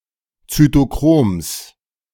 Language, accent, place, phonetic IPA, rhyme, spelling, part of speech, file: German, Germany, Berlin, [t͡sytoˈkʁoːms], -oːms, Zytochroms, noun, De-Zytochroms.ogg
- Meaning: genitive singular of Zytochrom